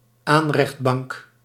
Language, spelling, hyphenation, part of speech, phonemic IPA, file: Dutch, aanrechtbank, aan‧recht‧bank, noun, /ˈaːn.rɛxtˌbɑŋk/, Nl-aanrechtbank.ogg
- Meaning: a low countertop, usually narrow and having cupboards underneath